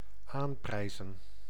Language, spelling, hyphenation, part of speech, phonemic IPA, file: Dutch, aanprijzen, aan‧prij‧zen, verb, /ˈaːmˌprɛi̯zə(n)/, Nl-aanprijzen.ogg
- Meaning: 1. to recommend 2. to praise, to extol